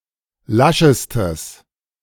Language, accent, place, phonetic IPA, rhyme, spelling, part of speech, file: German, Germany, Berlin, [ˈlaʃəstəs], -aʃəstəs, laschestes, adjective, De-laschestes.ogg
- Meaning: strong/mixed nominative/accusative neuter singular superlative degree of lasch